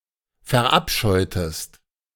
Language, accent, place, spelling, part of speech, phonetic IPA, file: German, Germany, Berlin, verabscheutest, verb, [fɛɐ̯ˈʔapʃɔɪ̯təst], De-verabscheutest.ogg
- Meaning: inflection of verabscheuen: 1. second-person singular preterite 2. second-person singular subjunctive II